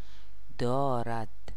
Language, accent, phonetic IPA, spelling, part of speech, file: Persian, Iran, [d̪ɒː.ɹæd̪̥], دارد, verb, Fa-دارد.ogg
- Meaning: third-person singular present indicative of داشتن (dâštan)